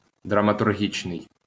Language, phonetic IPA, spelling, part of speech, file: Ukrainian, [drɐmɐtʊrˈɦʲit͡ʃnei̯], драматургічний, adjective, LL-Q8798 (ukr)-драматургічний.wav
- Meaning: dramaturgic, dramaturgical